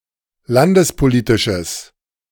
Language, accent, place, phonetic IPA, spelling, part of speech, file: German, Germany, Berlin, [ˈlandəspoˌliːtɪʃəs], landespolitisches, adjective, De-landespolitisches.ogg
- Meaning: strong/mixed nominative/accusative neuter singular of landespolitisch